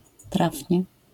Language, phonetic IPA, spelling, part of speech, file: Polish, [ˈtrafʲɲɛ], trafnie, adverb, LL-Q809 (pol)-trafnie.wav